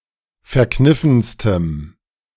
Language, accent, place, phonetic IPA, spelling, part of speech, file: German, Germany, Berlin, [fɛɐ̯ˈknɪfn̩stəm], verkniffenstem, adjective, De-verkniffenstem.ogg
- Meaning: strong dative masculine/neuter singular superlative degree of verkniffen